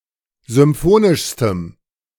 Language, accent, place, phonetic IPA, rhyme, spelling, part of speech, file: German, Germany, Berlin, [zʏmˈfoːnɪʃstəm], -oːnɪʃstəm, symphonischstem, adjective, De-symphonischstem.ogg
- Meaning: strong dative masculine/neuter singular superlative degree of symphonisch